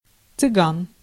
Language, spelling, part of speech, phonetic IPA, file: Russian, цыган, noun, [t͡sɨˈɡan], Ru-цыган.ogg
- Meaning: Gypsy, Rom